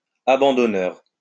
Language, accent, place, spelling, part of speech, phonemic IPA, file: French, France, Lyon, abandonneur, adjective / noun, /a.bɑ̃.dɔ.nœʁ/, LL-Q150 (fra)-abandonneur.wav
- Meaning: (adjective) Which abandons or gives up; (noun) someone who abandons or gives up